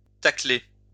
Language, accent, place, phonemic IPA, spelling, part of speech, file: French, France, Lyon, /ta.kle/, tacler, verb, LL-Q150 (fra)-tacler.wav
- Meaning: to tackle